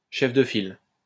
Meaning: 1. leader 2. party leader 3. lead ship; name ship; class leader
- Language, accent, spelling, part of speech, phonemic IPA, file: French, France, chef de file, noun, /ʃɛf də fil/, LL-Q150 (fra)-chef de file.wav